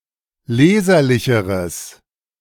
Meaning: strong/mixed nominative/accusative neuter singular comparative degree of leserlich
- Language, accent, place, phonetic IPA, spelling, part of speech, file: German, Germany, Berlin, [ˈleːzɐlɪçəʁəs], leserlicheres, adjective, De-leserlicheres.ogg